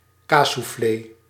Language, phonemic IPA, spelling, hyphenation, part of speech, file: Dutch, /ˈkaː.suˌfleː/, kaassoufflé, kaas‧souf‧flé, noun, Nl-kaassoufflé.ogg
- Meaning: a deep-fried snack made of cheese wrapped in a flat, rectangular or hemicircular envelope of puff pastry covered with breadcrumbs